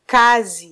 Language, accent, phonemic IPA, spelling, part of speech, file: Swahili, Kenya, /ˈkɑ.zi/, kazi, noun, Sw-ke-kazi.flac
- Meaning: 1. work, business 2. job, occupation